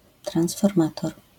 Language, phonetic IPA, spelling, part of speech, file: Polish, [ˌtrãw̃sfɔrˈmatɔr], transformator, noun, LL-Q809 (pol)-transformator.wav